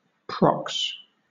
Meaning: The ticket or list of candidates at elections, presented to the people for their votes
- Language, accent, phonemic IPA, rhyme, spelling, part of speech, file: English, Southern England, /pɹɒks/, -ɒks, prox, noun, LL-Q1860 (eng)-prox.wav